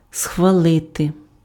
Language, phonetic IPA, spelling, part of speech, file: Ukrainian, [sxʋɐˈɫɪte], схвалити, verb, Uk-схвалити.ogg
- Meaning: to approve, to sanction